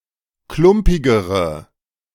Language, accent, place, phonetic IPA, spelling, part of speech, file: German, Germany, Berlin, [ˈklʊmpɪɡəʁə], klumpigere, adjective, De-klumpigere.ogg
- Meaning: inflection of klumpig: 1. strong/mixed nominative/accusative feminine singular comparative degree 2. strong nominative/accusative plural comparative degree